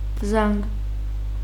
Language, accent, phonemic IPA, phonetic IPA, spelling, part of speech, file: Armenian, Eastern Armenian, /zɑnɡ/, [zɑŋɡ], զանգ, noun, Hy-զանգ.ogg
- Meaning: 1. bell 2. ring, call (a telephone call or telephone conversation)